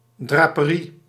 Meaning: curtain (that blocks the light, i.e. not a net curtain)
- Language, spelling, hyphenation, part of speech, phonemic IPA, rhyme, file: Dutch, draperie, dra‧pe‧rie, noun, /ˌdraː.pəˈri/, -i, Nl-draperie.ogg